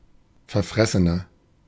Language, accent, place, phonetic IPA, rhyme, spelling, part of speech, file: German, Germany, Berlin, [fɛɐ̯ˈfʁɛsənɐ], -ɛsənɐ, verfressener, adjective, De-verfressener.ogg
- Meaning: 1. comparative degree of verfressen 2. inflection of verfressen: strong/mixed nominative masculine singular 3. inflection of verfressen: strong genitive/dative feminine singular